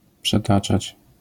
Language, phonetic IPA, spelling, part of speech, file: Polish, [pʃɛˈtat͡ʃat͡ɕ], przetaczać, verb, LL-Q809 (pol)-przetaczać.wav